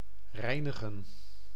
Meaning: to clean
- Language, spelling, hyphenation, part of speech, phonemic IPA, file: Dutch, reinigen, rei‧ni‧gen, verb, /ˈrɛi̯.nə.ɣə(n)/, Nl-reinigen.ogg